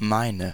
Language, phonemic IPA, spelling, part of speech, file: German, /ˈmaɪ̯nə/, meine, pronoun / determiner / verb, De-meine.ogg
- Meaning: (pronoun) inflection of meiner: 1. feminine singular 2. plural; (determiner) inflection of mein: 1. nominative/accusative feminine singular 2. nominative/accusative plural